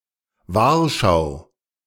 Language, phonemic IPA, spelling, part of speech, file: German, /ˈvaːɐ̯ˌʃaʊ̯/, Wahrschau, noun / interjection, De-Wahrschau.ogg
- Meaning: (noun) warning, caution, attention; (interjection) Attention! Look out! Watch out!